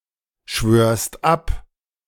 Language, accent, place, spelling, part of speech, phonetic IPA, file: German, Germany, Berlin, schwörst ab, verb, [ˌʃvøːɐ̯st ˈap], De-schwörst ab.ogg
- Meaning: second-person singular present of abschwören